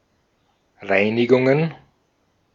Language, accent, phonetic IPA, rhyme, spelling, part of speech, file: German, Austria, [ˈʁaɪ̯nɪɡʊŋən], -aɪ̯nɪɡʊŋən, Reinigungen, noun, De-at-Reinigungen.ogg
- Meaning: plural of Reinigung